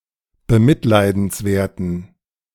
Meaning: inflection of bemitleidenswert: 1. strong genitive masculine/neuter singular 2. weak/mixed genitive/dative all-gender singular 3. strong/weak/mixed accusative masculine singular
- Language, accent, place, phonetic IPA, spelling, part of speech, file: German, Germany, Berlin, [bəˈmɪtlaɪ̯dn̩sˌvɛɐ̯tn̩], bemitleidenswerten, adjective, De-bemitleidenswerten.ogg